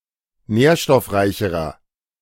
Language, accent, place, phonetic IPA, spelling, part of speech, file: German, Germany, Berlin, [ˈnɛːɐ̯ʃtɔfˌʁaɪ̯çəʁɐ], nährstoffreicherer, adjective, De-nährstoffreicherer.ogg
- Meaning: inflection of nährstoffreich: 1. strong/mixed nominative masculine singular comparative degree 2. strong genitive/dative feminine singular comparative degree